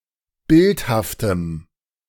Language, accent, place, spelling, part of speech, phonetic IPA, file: German, Germany, Berlin, bildhaftem, adjective, [ˈbɪlthaftəm], De-bildhaftem.ogg
- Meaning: strong dative masculine/neuter singular of bildhaft